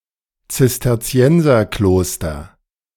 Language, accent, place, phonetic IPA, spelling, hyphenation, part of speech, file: German, Germany, Berlin, [t͡sɪstɛʁˈt͡si̯ɛnzɐˌkloːstɐ], Zisterzienserkloster, Zis‧ter‧zi‧en‧ser‧klos‧ter, noun, De-Zisterzienserkloster.ogg
- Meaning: Cistercian monastery